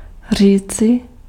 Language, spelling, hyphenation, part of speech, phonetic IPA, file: Czech, říci, ří‧ci, verb, [ˈr̝iːt͡sɪ], Cs-říci.ogg
- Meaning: 1. alternative form of říct 2. alternative form of říct: to say